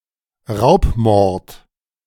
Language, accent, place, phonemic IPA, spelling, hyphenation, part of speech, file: German, Germany, Berlin, /ˈʁaʊ̯pˌmɔʁt/, Raubmord, Raub‧mord, noun, De-Raubmord.ogg
- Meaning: a murder that is committed during the perpetration of a robbery or with the intention to rob the victim